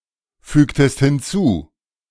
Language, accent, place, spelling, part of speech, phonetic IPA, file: German, Germany, Berlin, fügtest hinzu, verb, [ˌfyːktəst hɪnˈt͡suː], De-fügtest hinzu.ogg
- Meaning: inflection of hinzufügen: 1. second-person singular preterite 2. second-person singular subjunctive II